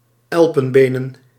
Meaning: ivory
- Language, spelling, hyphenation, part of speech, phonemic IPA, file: Dutch, elpenbenen, el‧pen‧be‧nen, adjective, /ˈɛl.pə(n)ˌbeː.nə(n)/, Nl-elpenbenen.ogg